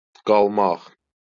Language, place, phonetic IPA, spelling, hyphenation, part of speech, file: Azerbaijani, Baku, [ɡɑɫˈmɑχ], qalmaq, qal‧maq, verb, LL-Q9292 (aze)-qalmaq.wav
- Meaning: 1. to stay 2. to remain, be left; to be left over 3. survive, remain alive 4. to live, stay, reside 5. to be postponed to